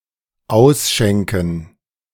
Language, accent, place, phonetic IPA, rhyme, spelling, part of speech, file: German, Germany, Berlin, [ˈaʊ̯sˌʃɛŋkn̩], -aʊ̯sʃɛŋkn̩, Ausschänken, noun, De-Ausschänken.ogg
- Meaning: dative plural of Ausschank